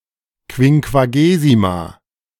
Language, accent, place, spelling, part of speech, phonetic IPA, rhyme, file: German, Germany, Berlin, Quinquagesima, noun, [kvɪŋkvaˈɡeːzima], -eːzima, De-Quinquagesima.ogg
- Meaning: 1. Quinquagesima 2. a 50-day period between Easter and Pentecost